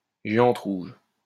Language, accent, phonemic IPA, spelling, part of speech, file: French, France, /ʒe.ɑ̃t ʁuʒ/, géante rouge, noun, LL-Q150 (fra)-géante rouge.wav
- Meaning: red giant (star)